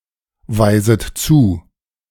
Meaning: second-person plural subjunctive I of zuweisen
- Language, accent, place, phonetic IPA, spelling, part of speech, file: German, Germany, Berlin, [ˌvaɪ̯zət ˈt͡suː], weiset zu, verb, De-weiset zu.ogg